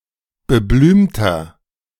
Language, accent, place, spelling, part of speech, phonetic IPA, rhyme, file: German, Germany, Berlin, beblümter, adjective, [bəˈblyːmtɐ], -yːmtɐ, De-beblümter.ogg
- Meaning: inflection of beblümt: 1. strong/mixed nominative masculine singular 2. strong genitive/dative feminine singular 3. strong genitive plural